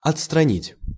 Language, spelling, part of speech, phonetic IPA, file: Russian, отстранить, verb, [ɐt͡sstrɐˈnʲitʲ], Ru-отстранить.ogg
- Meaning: 1. to push aside, to remove 2. to discharge, to dismiss